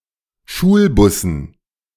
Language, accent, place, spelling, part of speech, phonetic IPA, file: German, Germany, Berlin, Schulbussen, noun, [ˈʃuːlˌbʊsn̩], De-Schulbussen.ogg
- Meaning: dative plural of Schulbus